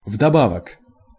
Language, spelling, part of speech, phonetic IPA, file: Russian, вдобавок, adverb, [vdɐˈbavək], Ru-вдобавок.ogg
- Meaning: in addition, on top of everything (also; as well)